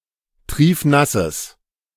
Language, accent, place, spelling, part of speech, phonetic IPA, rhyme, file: German, Germany, Berlin, triefnasses, adjective, [ˈtʁiːfˈnasəs], -asəs, De-triefnasses.ogg
- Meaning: strong/mixed nominative/accusative neuter singular of triefnass